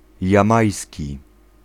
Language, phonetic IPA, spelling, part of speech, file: Polish, [jãˈmajsʲci], jamajski, adjective, Pl-jamajski.ogg